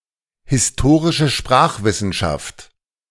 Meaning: historical linguistics
- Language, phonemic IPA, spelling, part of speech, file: German, /hɪsˈtoːʁɪʃə ˈʃpʁaːxˌvɪsn̩ʃaft/, historische Sprachwissenschaft, noun, De-Historische Sprachwissenschaft.ogg